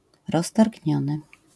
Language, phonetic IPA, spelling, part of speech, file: Polish, [ˌrɔstarʲɟˈɲɔ̃nɨ], roztargniony, adjective, LL-Q809 (pol)-roztargniony.wav